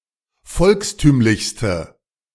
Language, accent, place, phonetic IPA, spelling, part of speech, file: German, Germany, Berlin, [ˈfɔlksˌtyːmlɪçstə], volkstümlichste, adjective, De-volkstümlichste.ogg
- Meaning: inflection of volkstümlich: 1. strong/mixed nominative/accusative feminine singular superlative degree 2. strong nominative/accusative plural superlative degree